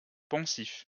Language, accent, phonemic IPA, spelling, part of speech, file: French, France, /pɔ̃.sif/, poncif, noun, LL-Q150 (fra)-poncif.wav
- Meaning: banality, derivative, stereotype